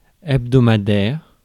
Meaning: weekly (once every week)
- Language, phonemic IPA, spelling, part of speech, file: French, /ɛb.dɔ.ma.dɛʁ.mɑ̃/, hebdomadairement, adverb, Fr-hebdomadairement.ogg